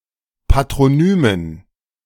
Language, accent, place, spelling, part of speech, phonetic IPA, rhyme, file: German, Germany, Berlin, Patronymen, noun, [patʁoˈnyːmən], -yːmən, De-Patronymen.ogg
- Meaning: dative plural of Patronym